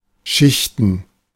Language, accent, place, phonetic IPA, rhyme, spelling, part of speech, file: German, Germany, Berlin, [ˈʃɪçtn̩], -ɪçtn̩, Schichten, noun, De-Schichten.ogg
- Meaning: plural of Schicht